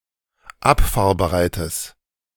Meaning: strong/mixed nominative/accusative neuter singular of abfahrbereit
- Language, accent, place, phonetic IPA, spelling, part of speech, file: German, Germany, Berlin, [ˈapfaːɐ̯bəˌʁaɪ̯təs], abfahrbereites, adjective, De-abfahrbereites.ogg